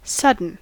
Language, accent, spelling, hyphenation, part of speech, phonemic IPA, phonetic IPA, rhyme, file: English, US, sudden, sud‧den, adjective / adverb / noun, /ˈsʌd.ən/, [ˈsʌd.n̩], -ʌdən, En-us-sudden.ogg
- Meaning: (adjective) 1. Occurring quickly with little or no warning or expectation; instantly 2. Hastily prepared or employed; quick; rapid 3. Hasty; violent; rash; precipitate; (adverb) Suddenly